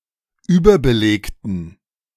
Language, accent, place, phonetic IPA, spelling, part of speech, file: German, Germany, Berlin, [ˈyːbɐbəˌleːktn̩], überbelegten, adjective, De-überbelegten.ogg
- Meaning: inflection of überbelegt: 1. strong genitive masculine/neuter singular 2. weak/mixed genitive/dative all-gender singular 3. strong/weak/mixed accusative masculine singular 4. strong dative plural